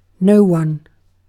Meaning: 1. Used in contrast to anyone, someone or everyone: not one person; nobody 2. Used other than figuratively or idiomatically: see no, one
- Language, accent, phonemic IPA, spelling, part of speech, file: English, Received Pronunciation, /ˈnəʊ wʌn/, no one, pronoun, En-uk-no one.ogg